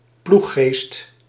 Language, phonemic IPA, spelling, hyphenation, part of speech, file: Dutch, /ˈplu.xeːst/, ploeggeest, ploeg‧geest, noun, Nl-ploeggeest.ogg
- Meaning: team spirit